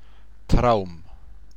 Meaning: dream
- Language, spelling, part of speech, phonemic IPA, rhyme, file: German, Traum, noun, /tʁaʊ̯m/, -aʊ̯m, DE-Traum.ogg